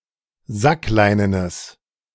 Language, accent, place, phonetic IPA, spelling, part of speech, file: German, Germany, Berlin, [ˈzakˌlaɪ̯nənəs], sackleinenes, adjective, De-sackleinenes.ogg
- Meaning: strong/mixed nominative/accusative neuter singular of sackleinen